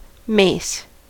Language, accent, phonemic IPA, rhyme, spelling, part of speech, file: English, US, /meɪs/, -eɪs, mace, noun / verb, En-us-mace.ogg
- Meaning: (noun) 1. A heavy fighting club 2. A ceremonial form of this weapon